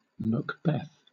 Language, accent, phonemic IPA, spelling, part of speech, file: English, Southern England, /məkˈbɛθ/, Macbeth, proper noun, LL-Q1860 (eng)-Macbeth.wav
- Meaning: 1. A William Shakespeare play, about the Scottish royal family 2. The title character of said play 3. An 11th-century king of Scotland 4. A surname